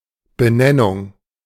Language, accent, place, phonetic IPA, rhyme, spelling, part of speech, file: German, Germany, Berlin, [bəˈnɛnʊŋ], -ɛnʊŋ, Benennung, noun, De-Benennung.ogg
- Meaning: naming, denomination